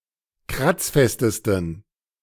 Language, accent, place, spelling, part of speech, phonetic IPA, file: German, Germany, Berlin, kratzfestesten, adjective, [ˈkʁat͡sˌfɛstəstn̩], De-kratzfestesten.ogg
- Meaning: 1. superlative degree of kratzfest 2. inflection of kratzfest: strong genitive masculine/neuter singular superlative degree